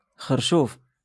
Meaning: artichoke
- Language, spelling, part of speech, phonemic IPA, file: Moroccan Arabic, خرشوف, noun, /xar.ʃuːf/, LL-Q56426 (ary)-خرشوف.wav